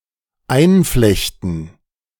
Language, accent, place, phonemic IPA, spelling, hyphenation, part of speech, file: German, Germany, Berlin, /ˈaɪ̯nˌflɛçtn̩/, einflechten, ein‧flech‧ten, verb, De-einflechten.ogg
- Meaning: 1. to weave together 2. to mention in passing